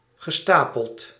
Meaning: past participle of stapelen
- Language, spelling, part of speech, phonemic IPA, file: Dutch, gestapeld, verb, /ɣəˈstapəlt/, Nl-gestapeld.ogg